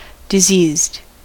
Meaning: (adjective) Affected with or suffering from disease; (verb) simple past and past participle of disease
- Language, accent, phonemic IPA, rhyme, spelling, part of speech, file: English, US, /dɪˈzizd/, -iːzd, diseased, adjective / verb, En-us-diseased.ogg